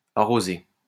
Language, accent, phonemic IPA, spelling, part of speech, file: French, France, /a.ʁo.ze/, arrosé, adjective / verb, LL-Q150 (fra)-arrosé.wav
- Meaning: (adjective) watered; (verb) past participle of arroser